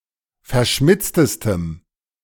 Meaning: strong dative masculine/neuter singular superlative degree of verschmitzt
- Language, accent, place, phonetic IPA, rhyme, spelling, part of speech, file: German, Germany, Berlin, [fɛɐ̯ˈʃmɪt͡stəstəm], -ɪt͡stəstəm, verschmitztestem, adjective, De-verschmitztestem.ogg